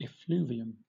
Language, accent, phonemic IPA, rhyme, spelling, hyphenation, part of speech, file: English, Southern England, /ɪˈfluːvi.əm/, -uːviəm, effluvium, ef‧flu‧vi‧um, noun, LL-Q1860 (eng)-effluvium.wav
- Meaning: 1. A gaseous or vaporous emission, especially a foul-smelling one 2. A condition causing the shedding of hair